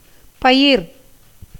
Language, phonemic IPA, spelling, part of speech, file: Tamil, /pɐjɪɾ/, பயிர், noun, Ta-பயிர்.ogg
- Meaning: 1. crops 2. any useful vegetable plant 3. a tender sprout 4. chirping of birds 5. hint, signal